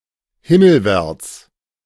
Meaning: 1. skywards (toward the physical sky) 2. heavenward (toward the metaphysical heaven)
- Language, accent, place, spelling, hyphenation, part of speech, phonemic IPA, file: German, Germany, Berlin, himmelwärts, him‧mel‧wärts, adverb, /ˈhɪməlˌvɛʁt͡s/, De-himmelwärts.ogg